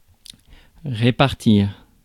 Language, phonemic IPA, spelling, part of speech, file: French, /ʁe.paʁ.tiʁ/, répartir, verb, Fr-répartir.ogg
- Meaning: 1. to distribute, to apportion 2. forward (as an e-mail)